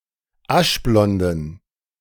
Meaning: inflection of aschblond: 1. strong genitive masculine/neuter singular 2. weak/mixed genitive/dative all-gender singular 3. strong/weak/mixed accusative masculine singular 4. strong dative plural
- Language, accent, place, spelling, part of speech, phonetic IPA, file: German, Germany, Berlin, aschblonden, adjective, [ˈaʃˌblɔndn̩], De-aschblonden.ogg